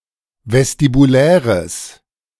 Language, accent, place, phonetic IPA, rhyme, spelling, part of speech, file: German, Germany, Berlin, [vɛstibuˈlɛːʁəs], -ɛːʁəs, vestibuläres, adjective, De-vestibuläres.ogg
- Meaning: strong/mixed nominative/accusative neuter singular of vestibulär